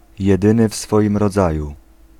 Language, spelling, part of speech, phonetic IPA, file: Polish, jedyny w swoim rodzaju, adjectival phrase, [jɛˈdɨ̃nɨ ˈf‿sfɔʲĩm rɔˈd͡zaju], Pl-jedyny w swoim rodzaju.ogg